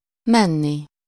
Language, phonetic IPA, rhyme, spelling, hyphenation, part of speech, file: Hungarian, [ˈmɛnːi], -ni, menni, men‧ni, verb, Hu-menni.ogg
- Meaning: infinitive of megy